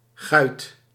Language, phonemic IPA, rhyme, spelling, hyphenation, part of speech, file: Dutch, /ɣœy̯t/, -œy̯t, guit, guit, noun, Nl-guit.ogg
- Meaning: tomboy, rascal, joker, troublemaker